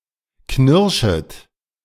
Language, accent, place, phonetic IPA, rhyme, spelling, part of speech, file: German, Germany, Berlin, [ˈknɪʁʃət], -ɪʁʃət, knirschet, verb, De-knirschet.ogg
- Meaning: second-person plural subjunctive I of knirschen